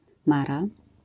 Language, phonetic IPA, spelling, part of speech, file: Polish, [ˈmara], mara, noun, LL-Q809 (pol)-mara.wav